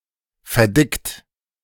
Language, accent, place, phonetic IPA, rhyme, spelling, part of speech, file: German, Germany, Berlin, [fɛɐ̯ˈdɪkt], -ɪkt, verdickt, verb, De-verdickt.ogg
- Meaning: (verb) past participle of verdicken; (adjective) thickened; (verb) inflection of verdicken: 1. second-person plural present 2. third-person singular present 3. plural imperative